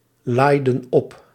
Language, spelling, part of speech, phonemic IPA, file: Dutch, laaiden op, verb, /ˈlajdə(n) ˈɔp/, Nl-laaiden op.ogg
- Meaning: inflection of oplaaien: 1. plural past indicative 2. plural past subjunctive